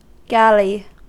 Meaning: A long, slender ship propelled primarily by oars, whether having masts and sails or not; usually a rowed warship used in the Mediterranean from the 16th century until the modern era
- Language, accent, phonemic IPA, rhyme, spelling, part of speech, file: English, US, /ˈɡæli/, -æli, galley, noun, En-us-galley.ogg